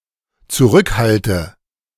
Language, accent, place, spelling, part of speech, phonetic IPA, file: German, Germany, Berlin, zurückhalte, verb, [t͡suˈʁʏkˌhaltə], De-zurückhalte.ogg
- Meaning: inflection of zurückhalten: 1. first-person singular dependent present 2. first/third-person singular dependent subjunctive I